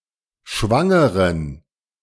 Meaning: inflection of schwanger: 1. strong genitive masculine/neuter singular 2. weak/mixed genitive/dative all-gender singular 3. strong/weak/mixed accusative masculine singular 4. strong dative plural
- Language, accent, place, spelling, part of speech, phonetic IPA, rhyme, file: German, Germany, Berlin, schwangeren, adjective, [ˈʃvaŋəʁən], -aŋəʁən, De-schwangeren.ogg